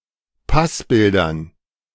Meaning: dative plural of Passbild
- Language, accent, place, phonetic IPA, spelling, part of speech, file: German, Germany, Berlin, [ˈpasˌbɪldɐn], Passbildern, noun, De-Passbildern.ogg